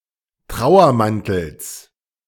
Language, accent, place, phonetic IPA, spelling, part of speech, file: German, Germany, Berlin, [ˈtʁaʊ̯ɐˌmantl̩s], Trauermantels, noun, De-Trauermantels.ogg
- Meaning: genitive of Trauermantel